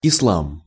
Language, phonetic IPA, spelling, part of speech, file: Russian, [ɪsˈɫam], ислам, noun, Ru-ислам.ogg
- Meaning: Islam